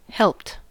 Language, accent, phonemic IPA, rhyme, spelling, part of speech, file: English, US, /hɛlpt/, -ɛlpt, helped, verb, En-us-helped.ogg
- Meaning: simple past and past participle of help